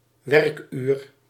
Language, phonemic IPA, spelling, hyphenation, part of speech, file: Dutch, /ˈʋɛrk.yːr/, werkuur, werk‧uur, noun, Nl-werkuur.ogg
- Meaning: working hour